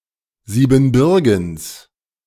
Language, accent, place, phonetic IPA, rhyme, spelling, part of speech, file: German, Germany, Berlin, [ˌziːbn̩ˈbʏʁɡn̩s], -ʏʁɡn̩s, Siebenbürgens, noun, De-Siebenbürgens.ogg
- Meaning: genitive of Siebenbürgen